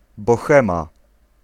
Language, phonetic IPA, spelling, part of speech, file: Polish, [bɔˈxɛ̃ma], bohema, noun, Pl-bohema.ogg